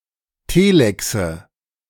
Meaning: nominative/accusative/genitive plural of Telex
- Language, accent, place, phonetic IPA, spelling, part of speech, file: German, Germany, Berlin, [ˈteːlɛksə], Telexe, noun, De-Telexe.ogg